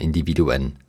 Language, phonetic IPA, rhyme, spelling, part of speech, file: German, [ɪndiˈviːduən], -iːduən, Individuen, noun, De-Individuen.ogg
- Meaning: plural of Individuum